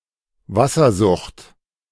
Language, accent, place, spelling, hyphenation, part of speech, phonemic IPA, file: German, Germany, Berlin, Wassersucht, Was‧ser‧sucht, noun, /ˈvasɐˌzʊxt/, De-Wassersucht.ogg
- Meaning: dropsy